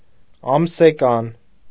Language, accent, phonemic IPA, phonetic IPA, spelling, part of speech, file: Armenian, Eastern Armenian, /ɑmseˈkɑn/, [ɑmsekɑ́n], ամսեկան, adjective / adverb, Hy-ամսեկան.ogg
- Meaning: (adjective) misconstruction of ամսական (amsakan)